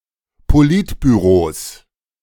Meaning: plural of Politbüro
- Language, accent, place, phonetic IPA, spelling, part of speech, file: German, Germany, Berlin, [poˈlɪtbyˌʁoːs], Politbüros, noun, De-Politbüros.ogg